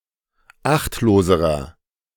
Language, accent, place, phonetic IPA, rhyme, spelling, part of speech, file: German, Germany, Berlin, [ˈaxtloːzəʁɐ], -axtloːzəʁɐ, achtloserer, adjective, De-achtloserer.ogg
- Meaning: inflection of achtlos: 1. strong/mixed nominative masculine singular comparative degree 2. strong genitive/dative feminine singular comparative degree 3. strong genitive plural comparative degree